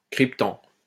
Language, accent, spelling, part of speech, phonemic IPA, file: French, France, cryptant, verb, /kʁip.tɑ̃/, LL-Q150 (fra)-cryptant.wav
- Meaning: present participle of crypter